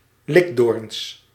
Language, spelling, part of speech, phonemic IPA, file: Dutch, likdoorns, noun, /ˈlɪɡdorᵊns/, Nl-likdoorns.ogg
- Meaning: plural of likdoorn